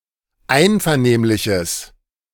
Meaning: strong/mixed nominative/accusative neuter singular of einvernehmlich
- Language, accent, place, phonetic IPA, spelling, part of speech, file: German, Germany, Berlin, [ˈaɪ̯nfɛɐ̯ˌneːmlɪçəs], einvernehmliches, adjective, De-einvernehmliches.ogg